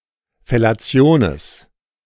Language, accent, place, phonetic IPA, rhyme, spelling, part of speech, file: German, Germany, Berlin, [fɛlaˈt͡si̯oːneːs], -oːneːs, Fellationes, noun, De-Fellationes.ogg
- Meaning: plural of Fellatio